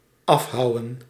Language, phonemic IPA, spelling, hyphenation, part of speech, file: Dutch, /ˈɑfˌɦɑu̯.ən/, afhouwen, af‧hou‧wen, verb, Nl-afhouwen.ogg
- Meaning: to hew off, to chop off